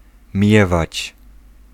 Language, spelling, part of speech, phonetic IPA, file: Polish, miewać, verb, [ˈmʲjɛvat͡ɕ], Pl-miewać.ogg